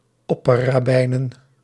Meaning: plural of opperrabbijn
- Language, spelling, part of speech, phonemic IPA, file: Dutch, opperrabbijnen, noun, /ˈɔpəraˌbɛinə(n)/, Nl-opperrabbijnen.ogg